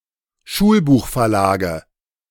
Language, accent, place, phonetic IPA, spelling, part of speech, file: German, Germany, Berlin, [ˈʃuːlbuːxfɛɐ̯ˌlaːɡə], Schulbuchverlage, noun, De-Schulbuchverlage.ogg
- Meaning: nominative/accusative/genitive plural of Schulbuchverlag